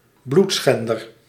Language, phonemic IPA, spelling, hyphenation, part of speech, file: Dutch, /ˈblutˌsxɛn.dər/, bloedschender, bloed‧schen‧der, noun, Nl-bloedschender.ogg
- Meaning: alternative form of bloedschenner